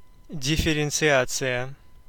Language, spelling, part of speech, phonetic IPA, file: Russian, дифференциация, noun, [dʲɪfʲɪrʲɪnt͡sɨˈat͡sɨjə], Ru-дифференциация.ogg
- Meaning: differentiation, differentiating